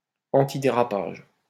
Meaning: antiskid
- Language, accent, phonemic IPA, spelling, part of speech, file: French, France, /ɑ̃.ti.de.ʁa.paʒ/, antidérapage, adjective, LL-Q150 (fra)-antidérapage.wav